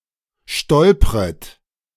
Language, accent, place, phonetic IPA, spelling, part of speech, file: German, Germany, Berlin, [ˈʃtɔlpʁət], stolpret, verb, De-stolpret.ogg
- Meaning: second-person plural subjunctive I of stolpern